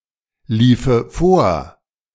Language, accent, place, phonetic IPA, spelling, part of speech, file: German, Germany, Berlin, [ˌliːfə ˈfoːɐ̯], liefe vor, verb, De-liefe vor.ogg
- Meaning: first/third-person singular subjunctive II of vorlaufen